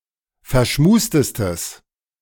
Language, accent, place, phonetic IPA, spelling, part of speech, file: German, Germany, Berlin, [fɛɐ̯ˈʃmuːstəstəs], verschmustestes, adjective, De-verschmustestes.ogg
- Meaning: strong/mixed nominative/accusative neuter singular superlative degree of verschmust